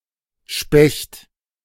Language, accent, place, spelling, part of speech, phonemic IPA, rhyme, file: German, Germany, Berlin, Specht, noun / proper noun, /ʃpɛçt/, -ɛçt, De-Specht.ogg
- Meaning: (noun) 1. picid (member of the Picidae family of birds) 2. woodpecker (member of the Picinae subfamily of birds); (proper noun) a surname